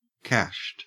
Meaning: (verb) simple past and past participle of cash; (adjective) Exhausted or used up; finished, empty
- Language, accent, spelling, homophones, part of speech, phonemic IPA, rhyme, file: English, Australia, cashed, cached, verb / adjective, /kæʃt/, -æʃt, En-au-cashed.ogg